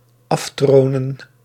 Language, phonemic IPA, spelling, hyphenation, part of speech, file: Dutch, /ˈɑfˌtroː.nə(n)/, aftronen, af‧tro‧nen, verb, Nl-aftronen.ogg
- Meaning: 1. to cadge, to blag, to wheedle 2. to lure away